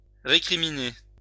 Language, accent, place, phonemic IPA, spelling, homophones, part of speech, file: French, France, Lyon, /ʁe.kʁi.mi.ne/, récriminer, récriminai / récriminé / récriminée / récriminées / récriminés / récriminez, verb, LL-Q150 (fra)-récriminer.wav
- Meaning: 1. to recriminate 2. to remonstrate